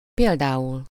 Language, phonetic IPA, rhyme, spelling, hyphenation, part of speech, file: Hungarian, [ˈpeːldaːul], -ul, például, pél‧dá‧ul, noun / adverb, Hu-például.ogg
- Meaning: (noun) essive-modal singular of példa; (adverb) for example, for instance